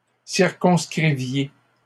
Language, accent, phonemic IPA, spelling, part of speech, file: French, Canada, /siʁ.kɔ̃s.kʁi.vje/, circonscriviez, verb, LL-Q150 (fra)-circonscriviez.wav
- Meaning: inflection of circonscrire: 1. second-person plural imperfect indicative 2. second-person plural present subjunctive